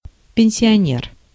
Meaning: pensioner, retiree
- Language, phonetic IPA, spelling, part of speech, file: Russian, [pʲɪn⁽ʲ⁾sʲɪɐˈnʲer], пенсионер, noun, Ru-пенсионер.ogg